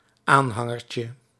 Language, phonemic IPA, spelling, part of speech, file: Dutch, /ˈanhaŋərcə/, aanhangertje, noun, Nl-aanhangertje.ogg
- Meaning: diminutive of aanhanger